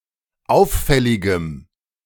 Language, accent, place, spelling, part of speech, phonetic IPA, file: German, Germany, Berlin, auffälligem, adjective, [ˈaʊ̯fˌfɛlɪɡəm], De-auffälligem.ogg
- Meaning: strong dative masculine/neuter singular of auffällig